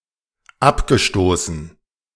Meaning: past participle of abstoßen
- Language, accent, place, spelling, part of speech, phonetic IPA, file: German, Germany, Berlin, abgestoßen, verb, [ˈapɡəˌʃtoːsn̩], De-abgestoßen.ogg